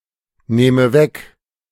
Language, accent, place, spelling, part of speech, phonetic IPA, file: German, Germany, Berlin, nähme weg, verb, [ˌnɛːmə ˈvɛk], De-nähme weg.ogg
- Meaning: first/third-person singular subjunctive II of wegnehmen